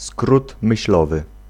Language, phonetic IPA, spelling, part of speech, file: Polish, [ˈskrut mɨɕˈlɔvɨ], skrót myślowy, phrase, Pl-skrót myślowy.ogg